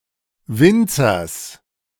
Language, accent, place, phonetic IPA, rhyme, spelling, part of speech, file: German, Germany, Berlin, [ˈvɪnt͡sɐs], -ɪnt͡sɐs, Winzers, noun, De-Winzers.ogg
- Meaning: genitive singular of Winzer